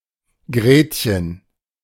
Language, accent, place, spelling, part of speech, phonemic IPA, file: German, Germany, Berlin, Gretchen, proper noun, /ˈɡreːtçən/, De-Gretchen.ogg
- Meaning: a diminutive of the female given name Margarete